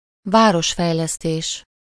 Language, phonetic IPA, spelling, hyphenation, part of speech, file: Hungarian, [ˈvaːroʃfɛjlɛsteːʃ], városfejlesztés, vá‧ros‧fej‧lesz‧tés, noun, Hu-városfejlesztés.ogg
- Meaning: urban development, urban planning, town planning